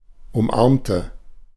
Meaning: inflection of umarmen: 1. first/third-person singular preterite 2. first/third-person singular subjunctive II
- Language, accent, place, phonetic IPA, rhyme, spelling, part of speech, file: German, Germany, Berlin, [ʊmˈʔaʁmtə], -aʁmtə, umarmte, adjective / verb, De-umarmte.ogg